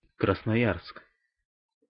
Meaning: 1. Krasnoyarsk (a krai of Russia) 2. Krasnoyarsk (a city, the administrative center of Krasnoyarsk Krai in Siberia, Russia)
- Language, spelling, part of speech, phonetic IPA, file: Russian, Красноярск, proper noun, [krəsnɐˈjarsk], Ru-Красноярск.ogg